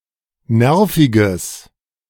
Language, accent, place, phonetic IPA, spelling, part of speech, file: German, Germany, Berlin, [ˈnɛʁfɪɡəs], nerviges, adjective, De-nerviges.ogg
- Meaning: strong/mixed nominative/accusative neuter singular of nervig